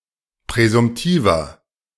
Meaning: 1. comparative degree of präsumtiv 2. inflection of präsumtiv: strong/mixed nominative masculine singular 3. inflection of präsumtiv: strong genitive/dative feminine singular
- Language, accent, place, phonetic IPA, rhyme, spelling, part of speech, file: German, Germany, Berlin, [pʁɛzʊmˈtiːvɐ], -iːvɐ, präsumtiver, adjective, De-präsumtiver.ogg